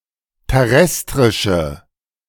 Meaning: inflection of terrestrisch: 1. strong/mixed nominative/accusative feminine singular 2. strong nominative/accusative plural 3. weak nominative all-gender singular
- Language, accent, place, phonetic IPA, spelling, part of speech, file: German, Germany, Berlin, [tɛˈʁɛstʁɪʃə], terrestrische, adjective, De-terrestrische.ogg